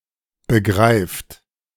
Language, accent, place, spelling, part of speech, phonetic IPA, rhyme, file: German, Germany, Berlin, begreift, verb, [bəˈɡʁaɪ̯ft], -aɪ̯ft, De-begreift.ogg
- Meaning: inflection of begreifen: 1. third-person singular present 2. second-person plural present 3. plural imperative